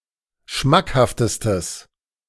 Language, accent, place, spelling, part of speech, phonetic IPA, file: German, Germany, Berlin, schmackhaftestes, adjective, [ˈʃmakhaftəstəs], De-schmackhaftestes.ogg
- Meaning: strong/mixed nominative/accusative neuter singular superlative degree of schmackhaft